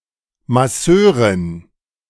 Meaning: masseuse (woman masseur), masseur (female)
- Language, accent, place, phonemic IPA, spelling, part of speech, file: German, Germany, Berlin, /maˈsøːʁɪn/, Masseurin, noun, De-Masseurin.ogg